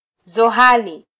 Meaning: Saturn (planet)
- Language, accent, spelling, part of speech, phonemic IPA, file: Swahili, Kenya, Zohali, proper noun, /zɔˈhɑ.li/, Sw-ke-Zohali.flac